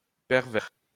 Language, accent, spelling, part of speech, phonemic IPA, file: French, France, pervers, adjective / noun, /pɛʁ.vɛʁ/, LL-Q150 (fra)-pervers.wav
- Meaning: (adjective) 1. perverse 2. sexually perverted, raunchy; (noun) a lecher